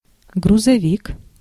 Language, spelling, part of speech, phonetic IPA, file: Russian, грузовик, noun, [ɡrʊzɐˈvʲik], Ru-грузовик.ogg
- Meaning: lorry, truck (motor vehicle)